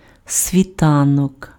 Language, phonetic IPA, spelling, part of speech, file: Ukrainian, [sʲʋʲiˈtanɔk], світанок, noun, Uk-світанок.ogg
- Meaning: dawn, daybreak